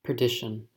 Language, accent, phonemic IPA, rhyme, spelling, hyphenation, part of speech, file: English, US, /pɜː(ɹ)ˈdɪ.ʃən/, -ɪʃən, perdition, per‧di‧tion, noun, En-us-perdition.ogg
- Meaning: 1. Eternal damnation 2. Hell 3. Absolute ruin; downfall